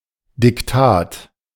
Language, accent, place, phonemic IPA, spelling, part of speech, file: German, Germany, Berlin, /dɪkˈtaːt/, Diktat, noun, De-Diktat.ogg
- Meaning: 1. dictation (the act of making someone write down one's words; the text itself) 2. dictation (an orthography exam where the teacher reads out a text and the participants write it down)